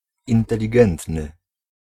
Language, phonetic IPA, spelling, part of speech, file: Polish, [ˌĩntɛlʲiˈɡɛ̃ntnɨ], inteligentny, adjective, Pl-inteligentny.ogg